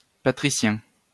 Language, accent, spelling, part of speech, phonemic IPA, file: French, France, patricien, adjective / noun, /pa.tʁi.sjɛ̃/, LL-Q150 (fra)-patricien.wav
- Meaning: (adjective) patrician